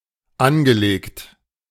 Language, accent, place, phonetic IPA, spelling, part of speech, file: German, Germany, Berlin, [ˈanɡəˌleːkt], angelegt, verb, De-angelegt.ogg
- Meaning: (verb) past participle of anlegen; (adjective) 1. invested 2. applied 3. arranged